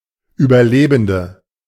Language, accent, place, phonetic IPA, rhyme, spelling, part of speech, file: German, Germany, Berlin, [yːbɐˈleːbn̩də], -eːbn̩də, Überlebende, noun, De-Überlebende.ogg
- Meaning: 1. female equivalent of Überlebender: female survivor 2. inflection of Überlebender: strong nominative/accusative plural 3. inflection of Überlebender: weak nominative singular